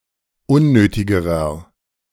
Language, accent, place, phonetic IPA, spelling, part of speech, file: German, Germany, Berlin, [ˈʊnˌnøːtɪɡəʁɐ], unnötigerer, adjective, De-unnötigerer.ogg
- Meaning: inflection of unnötig: 1. strong/mixed nominative masculine singular comparative degree 2. strong genitive/dative feminine singular comparative degree 3. strong genitive plural comparative degree